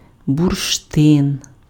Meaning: amber (fossil resin)
- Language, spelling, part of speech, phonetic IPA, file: Ukrainian, бурштин, noun, [bʊrʃˈtɪn], Uk-бурштин.ogg